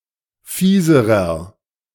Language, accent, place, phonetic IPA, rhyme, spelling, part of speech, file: German, Germany, Berlin, [ˈfiːzəʁɐ], -iːzəʁɐ, fieserer, adjective, De-fieserer.ogg
- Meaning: inflection of fies: 1. strong/mixed nominative masculine singular comparative degree 2. strong genitive/dative feminine singular comparative degree 3. strong genitive plural comparative degree